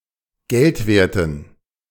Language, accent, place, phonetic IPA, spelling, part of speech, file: German, Germany, Berlin, [ˈɡɛltˌveːɐ̯tn̩], geldwerten, adjective, De-geldwerten.ogg
- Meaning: inflection of geldwert: 1. strong genitive masculine/neuter singular 2. weak/mixed genitive/dative all-gender singular 3. strong/weak/mixed accusative masculine singular 4. strong dative plural